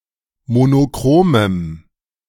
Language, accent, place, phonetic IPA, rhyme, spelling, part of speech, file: German, Germany, Berlin, [monoˈkʁoːməm], -oːməm, monochromem, adjective, De-monochromem.ogg
- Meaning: strong dative masculine/neuter singular of monochrom